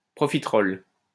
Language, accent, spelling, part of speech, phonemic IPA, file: French, France, profiterole, noun, /pʁɔ.fi.tʁɔl/, LL-Q150 (fra)-profiterole.wav
- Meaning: profiterole